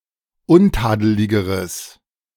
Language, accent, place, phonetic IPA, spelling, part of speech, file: German, Germany, Berlin, [ˈʊnˌtaːdəlɪɡəʁəs], untadeligeres, adjective, De-untadeligeres.ogg
- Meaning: strong/mixed nominative/accusative neuter singular comparative degree of untadelig